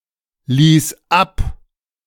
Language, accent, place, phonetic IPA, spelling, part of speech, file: German, Germany, Berlin, [ˌliːs ˈap], lies ab, verb, De-lies ab.ogg
- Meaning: singular imperative of ablesen